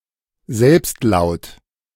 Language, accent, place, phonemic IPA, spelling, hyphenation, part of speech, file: German, Germany, Berlin, /ˈzɛlps(t)ˌlaʊ̯t/, Selbstlaut, Selbst‧laut, noun, De-Selbstlaut.ogg
- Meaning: vowel